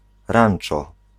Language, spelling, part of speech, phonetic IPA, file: Polish, ranczo, noun, [ˈrãn͇t͡ʃɔ], Pl-ranczo.ogg